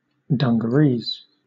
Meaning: Heavy denim pants or trousers, usually with bib and braces, worn especially as work clothing
- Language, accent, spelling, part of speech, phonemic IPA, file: English, Southern England, dungarees, noun, /ˌdʌŋ.ɡəˈɹiːz/, LL-Q1860 (eng)-dungarees.wav